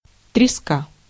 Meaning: cod (marine fish of the family Gadidae)
- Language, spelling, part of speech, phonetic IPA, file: Russian, треска, noun, [trʲɪˈska], Ru-треска.ogg